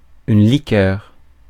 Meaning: 1. alcoholic liqueur 2. drinkable liquid 3. fizzy drink, pop 4. liquid 5. liquor
- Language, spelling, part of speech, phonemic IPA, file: French, liqueur, noun, /li.kœʁ/, Fr-liqueur.ogg